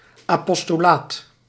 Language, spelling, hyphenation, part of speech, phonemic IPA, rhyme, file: Dutch, apostolaat, apos‧to‧laat, noun, /aːˌpɔs.toːˈlaːt/, -aːt, Nl-apostolaat.ogg
- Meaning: 1. apostolate, apostleship (office or state of being an apostle) 2. evangelisation, proselytisation, mission